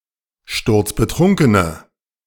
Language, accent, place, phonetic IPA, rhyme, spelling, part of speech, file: German, Germany, Berlin, [ˈʃtʊʁt͡sbəˈtʁʊŋkənə], -ʊŋkənə, sturzbetrunkene, adjective, De-sturzbetrunkene.ogg
- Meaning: inflection of sturzbetrunken: 1. strong/mixed nominative/accusative feminine singular 2. strong nominative/accusative plural 3. weak nominative all-gender singular